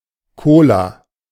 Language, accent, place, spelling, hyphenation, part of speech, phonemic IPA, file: German, Germany, Berlin, Cola, Co‧la, noun, /ˈkoːla/, De-Cola.ogg
- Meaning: Coke, Coca-Cola, cola (beverage made with caramel and carbonated water)